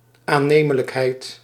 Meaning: 1. plausibility, the quality of being plausible 2. something that is plausible
- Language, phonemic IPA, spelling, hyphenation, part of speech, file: Dutch, /aːˈneː.mə.ləkˌɦɛi̯t/, aannemelijkheid, aan‧ne‧me‧lijk‧heid, noun, Nl-aannemelijkheid.ogg